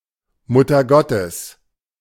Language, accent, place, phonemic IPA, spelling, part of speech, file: German, Germany, Berlin, /ˌmʊtɐˈɡɔtəs/, Muttergottes, proper noun / interjection, De-Muttergottes.ogg
- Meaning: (proper noun) alternative form of Gottesmutter; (interjection) Mother of God; used as an exclamation of shock, awe or surprise, but not anger